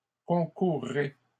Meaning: second-person plural simple future of concourir
- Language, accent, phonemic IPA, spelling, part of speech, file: French, Canada, /kɔ̃.kuʁ.ʁe/, concourrez, verb, LL-Q150 (fra)-concourrez.wav